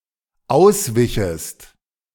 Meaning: second-person singular dependent subjunctive II of ausweichen
- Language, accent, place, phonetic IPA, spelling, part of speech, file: German, Germany, Berlin, [ˈaʊ̯sˌvɪçəst], auswichest, verb, De-auswichest.ogg